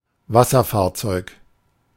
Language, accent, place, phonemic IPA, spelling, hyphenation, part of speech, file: German, Germany, Berlin, /ˈvasɐˌfaːɐ̯t͡sɔɪ̯k/, Wasserfahrzeug, Was‧ser‧fahr‧zeug, noun, De-Wasserfahrzeug.ogg
- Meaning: watercraft